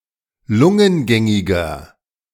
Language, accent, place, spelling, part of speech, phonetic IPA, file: German, Germany, Berlin, lungengängiger, adjective, [ˈlʊŋənˌɡɛŋɪɡɐ], De-lungengängiger.ogg
- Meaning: inflection of lungengängig: 1. strong/mixed nominative masculine singular 2. strong genitive/dative feminine singular 3. strong genitive plural